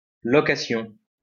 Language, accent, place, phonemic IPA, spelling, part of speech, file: French, France, Lyon, /lɔ.ka.sjɔ̃/, location, noun, LL-Q150 (fra)-location.wav
- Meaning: 1. renting, rental 2. rent 3. rented accommodation 4. hire (of a car etc.) 5. booking, reservation